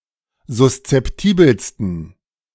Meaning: 1. superlative degree of suszeptibel 2. inflection of suszeptibel: strong genitive masculine/neuter singular superlative degree
- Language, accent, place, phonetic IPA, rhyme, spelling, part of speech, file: German, Germany, Berlin, [zʊst͡sɛpˈtiːbl̩stn̩], -iːbl̩stn̩, suszeptibelsten, adjective, De-suszeptibelsten.ogg